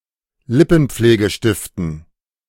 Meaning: dative plural of Lippenpflegestift
- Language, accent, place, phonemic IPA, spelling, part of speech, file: German, Germany, Berlin, /ˈlɪpn̩̩p͡fleːɡəˌʃtɪftn̩/, Lippenpflegestiften, noun, De-Lippenpflegestiften.ogg